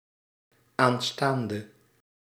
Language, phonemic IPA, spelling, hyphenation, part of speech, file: Dutch, /aːn.ˈstaːn.də/, aanstaande, aan‧staan‧de, adjective / noun, Nl-aanstaande.ogg
- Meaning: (adjective) inflection of aanstaand (“coming, next, future”): 1. masculine/feminine singular attributive 2. definite neuter singular attributive 3. plural attributive; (noun) fiancé, fiancée